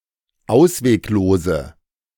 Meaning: inflection of ausweglos: 1. strong/mixed nominative/accusative feminine singular 2. strong nominative/accusative plural 3. weak nominative all-gender singular
- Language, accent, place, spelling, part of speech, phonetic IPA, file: German, Germany, Berlin, ausweglose, adjective, [ˈaʊ̯sveːkˌloːzə], De-ausweglose.ogg